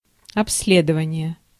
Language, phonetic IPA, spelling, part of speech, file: Russian, [ɐps⁽ʲ⁾ˈlʲedəvənʲɪje], обследование, noun, Ru-обследование.ogg
- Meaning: examination, inspection, survey